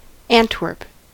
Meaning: 1. A province of Flanders, Belgium 2. The largest city and provincial capital of the province of Antwerp, Belgium 3. A district of the city of Antwerp, province of Antwerp, Belgium
- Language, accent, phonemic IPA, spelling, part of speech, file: English, US, /ˈæn.twɝp/, Antwerp, proper noun, En-us-Antwerp.ogg